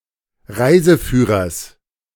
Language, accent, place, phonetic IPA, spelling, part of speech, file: German, Germany, Berlin, [ˈʁaɪ̯zəˌfyːʁɐs], Reiseführers, noun, De-Reiseführers.ogg
- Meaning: genitive singular of Reiseführer